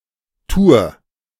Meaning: tour, journey: 1. a trip, particularly when travel takes up a significant portion of the time (as in a daytrip or a journey with several stops) 2. a race with several stages
- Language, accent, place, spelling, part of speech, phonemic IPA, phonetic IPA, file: German, Germany, Berlin, Tour, noun, /tuːr/, [tu(ː)ɐ̯], De-Tour.ogg